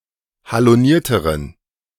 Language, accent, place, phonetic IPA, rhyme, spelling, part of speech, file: German, Germany, Berlin, [haloˈniːɐ̯təʁən], -iːɐ̯təʁən, halonierteren, adjective, De-halonierteren.ogg
- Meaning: inflection of haloniert: 1. strong genitive masculine/neuter singular comparative degree 2. weak/mixed genitive/dative all-gender singular comparative degree